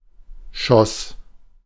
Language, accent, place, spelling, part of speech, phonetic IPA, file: German, Germany, Berlin, schoss, verb, [ʃɔs], De-schoss.ogg
- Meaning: first/third-person singular preterite of schießen